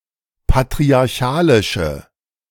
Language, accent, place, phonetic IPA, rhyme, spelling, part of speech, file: German, Germany, Berlin, [patʁiaʁˈçaːlɪʃə], -aːlɪʃə, patriarchalische, adjective, De-patriarchalische.ogg
- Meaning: inflection of patriarchalisch: 1. strong/mixed nominative/accusative feminine singular 2. strong nominative/accusative plural 3. weak nominative all-gender singular